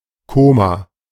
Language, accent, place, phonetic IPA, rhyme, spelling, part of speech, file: German, Germany, Berlin, [ˈkoːma], -oːma, Koma, noun, De-Koma.ogg
- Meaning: coma